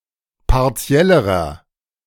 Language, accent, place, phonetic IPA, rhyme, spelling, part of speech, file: German, Germany, Berlin, [paʁˈt͡si̯ɛləʁɐ], -ɛləʁɐ, partiellerer, adjective, De-partiellerer.ogg
- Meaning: inflection of partiell: 1. strong/mixed nominative masculine singular comparative degree 2. strong genitive/dative feminine singular comparative degree 3. strong genitive plural comparative degree